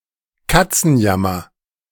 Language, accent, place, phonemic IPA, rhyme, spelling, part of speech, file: German, Germany, Berlin, /ˈkatsənjamɐ/, -amɐ, Katzenjammer, noun, De-Katzenjammer.ogg
- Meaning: 1. dejection, frustration, depression 2. hangover 3. caterwaul; yowling of a cat